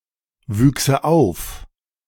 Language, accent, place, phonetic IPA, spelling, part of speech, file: German, Germany, Berlin, [ˌvyːksə ˈaʊ̯f], wüchse auf, verb, De-wüchse auf.ogg
- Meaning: first/third-person singular subjunctive II of aufwachsen